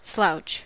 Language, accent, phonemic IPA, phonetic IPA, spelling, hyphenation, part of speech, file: English, US, /ˈslaʊ̯t͡ʃ/, [ˈslaʊ̯t͡ʃ], slouch, slouch, noun / verb, En-us-slouch.ogg
- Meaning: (noun) 1. A hanging down of the head; a drooping posture; a limp appearance 2. Any depression or hanging down, as of a hat brim 3. Someone who is slow to act 4. An awkward, heavy, clownish fellow